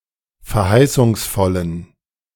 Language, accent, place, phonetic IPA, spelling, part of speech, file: German, Germany, Berlin, [fɛɐ̯ˈhaɪ̯sʊŋsˌfɔlən], verheißungsvollen, adjective, De-verheißungsvollen.ogg
- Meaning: inflection of verheißungsvoll: 1. strong genitive masculine/neuter singular 2. weak/mixed genitive/dative all-gender singular 3. strong/weak/mixed accusative masculine singular 4. strong dative plural